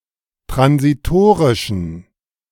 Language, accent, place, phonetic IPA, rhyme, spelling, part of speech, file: German, Germany, Berlin, [tʁansiˈtoːʁɪʃn̩], -oːʁɪʃn̩, transitorischen, adjective, De-transitorischen.ogg
- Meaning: inflection of transitorisch: 1. strong genitive masculine/neuter singular 2. weak/mixed genitive/dative all-gender singular 3. strong/weak/mixed accusative masculine singular 4. strong dative plural